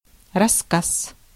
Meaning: 1. story, tale, narrative 2. short story
- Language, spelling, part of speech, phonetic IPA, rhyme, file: Russian, рассказ, noun, [rɐs(ː)ˈkas], -as, Ru-рассказ.ogg